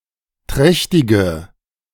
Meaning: inflection of trächtig: 1. strong/mixed nominative/accusative feminine singular 2. strong nominative/accusative plural 3. weak nominative all-gender singular
- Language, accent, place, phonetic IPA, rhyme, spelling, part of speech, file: German, Germany, Berlin, [ˈtʁɛçtɪɡə], -ɛçtɪɡə, trächtige, adjective, De-trächtige.ogg